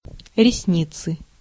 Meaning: inflection of ресни́ца (resníca): 1. genitive singular 2. nominative/accusative plural
- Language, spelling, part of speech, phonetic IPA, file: Russian, ресницы, noun, [rʲɪsˈnʲit͡sɨ], Ru-ресницы.ogg